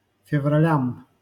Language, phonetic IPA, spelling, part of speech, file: Russian, [fʲɪvrɐˈlʲam], февралям, noun, LL-Q7737 (rus)-февралям.wav
- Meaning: dative plural of февра́ль (fevrálʹ)